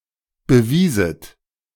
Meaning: second-person plural subjunctive II of beweisen
- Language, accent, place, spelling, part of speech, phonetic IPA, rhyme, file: German, Germany, Berlin, bewieset, verb, [bəˈviːzət], -iːzət, De-bewieset.ogg